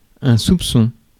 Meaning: 1. suspicion; mistrust 2. a hint, a tad, a little bit (of something)
- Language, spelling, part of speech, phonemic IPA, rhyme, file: French, soupçon, noun, /sup.sɔ̃/, -ɔ̃, Fr-soupçon.ogg